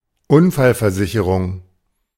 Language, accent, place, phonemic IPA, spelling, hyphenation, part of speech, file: German, Germany, Berlin, /ˈʊnfalfɛɐ̯ˌzɪçəʁʊŋ/, Unfallversicherung, Un‧fall‧ver‧si‧che‧rung, noun, De-Unfallversicherung.ogg
- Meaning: accident insurance